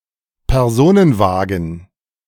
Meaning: passenger car
- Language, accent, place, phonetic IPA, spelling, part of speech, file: German, Germany, Berlin, [pɛʁˈzoːnənˌvaːɡn̩], Personenwagen, noun, De-Personenwagen.ogg